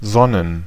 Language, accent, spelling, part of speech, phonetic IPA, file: German, Germany, Sonnen, noun, [ˈzɔnən], De-Sonnen.ogg
- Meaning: plural of Sonne